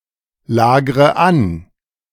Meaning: inflection of anlagern: 1. first-person singular present 2. first/third-person singular subjunctive I 3. singular imperative
- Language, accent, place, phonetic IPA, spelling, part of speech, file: German, Germany, Berlin, [ˌlaːɡʁə ˈan], lagre an, verb, De-lagre an.ogg